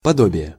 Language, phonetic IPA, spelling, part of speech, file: Russian, [pɐˈdobʲɪje], подобие, noun, Ru-подобие.ogg
- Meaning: 1. similarity 2. semblance, likeness, like